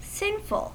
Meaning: 1. Having sinned; guilty of sin 2. Constituting a sin; morally or religiously wrong; wicked; evil 3. decadent (luxuriously self-indulgent)
- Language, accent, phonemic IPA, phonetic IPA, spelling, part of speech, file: English, US, /ˈsɪnfl̩/, [ˈsɪnfl̩], sinful, adjective, En-us-sinful.ogg